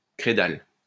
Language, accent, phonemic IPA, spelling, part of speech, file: French, France, /kʁe.dal/, crédal, adjective, LL-Q150 (fra)-crédal.wav
- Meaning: credal